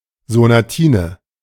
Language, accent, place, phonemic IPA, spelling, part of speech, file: German, Germany, Berlin, /zonaˈtiːnə/, Sonatine, noun, De-Sonatine.ogg
- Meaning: sonatina